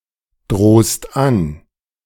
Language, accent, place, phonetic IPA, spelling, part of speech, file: German, Germany, Berlin, [ˌdʁoːst ˈan], drohst an, verb, De-drohst an.ogg
- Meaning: second-person singular present of androhen